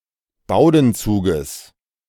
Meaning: genitive singular of Bowdenzug
- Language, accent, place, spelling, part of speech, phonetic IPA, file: German, Germany, Berlin, Bowdenzuges, noun, [ˈbaʊ̯dn̩ˌt͡suːɡəs], De-Bowdenzuges.ogg